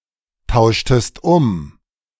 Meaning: inflection of umtauschen: 1. second-person singular preterite 2. second-person singular subjunctive II
- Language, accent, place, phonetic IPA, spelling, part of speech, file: German, Germany, Berlin, [ˌtaʊ̯ʃtəst ˈʊm], tauschtest um, verb, De-tauschtest um.ogg